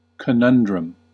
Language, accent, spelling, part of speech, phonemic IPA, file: English, US, conundrum, noun, /kəˈnʌn.dɹəm/, En-us-conundrum.ogg
- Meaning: 1. A difficult question or riddle, especially one using a play on words in the answer 2. A difficult choice or decision that must be made